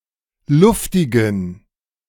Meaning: inflection of luftig: 1. strong genitive masculine/neuter singular 2. weak/mixed genitive/dative all-gender singular 3. strong/weak/mixed accusative masculine singular 4. strong dative plural
- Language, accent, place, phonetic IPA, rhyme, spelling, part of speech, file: German, Germany, Berlin, [ˈlʊftɪɡn̩], -ʊftɪɡn̩, luftigen, adjective, De-luftigen.ogg